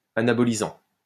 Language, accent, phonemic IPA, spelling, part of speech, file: French, France, /a.na.bɔ.li.zɑ̃/, anabolisant, adjective / noun, LL-Q150 (fra)-anabolisant.wav
- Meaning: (adjective) anabolic; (noun) anabolic steroid